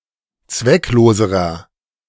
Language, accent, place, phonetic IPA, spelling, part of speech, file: German, Germany, Berlin, [ˈt͡svɛkˌloːzəʁɐ], zweckloserer, adjective, De-zweckloserer.ogg
- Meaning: inflection of zwecklos: 1. strong/mixed nominative masculine singular comparative degree 2. strong genitive/dative feminine singular comparative degree 3. strong genitive plural comparative degree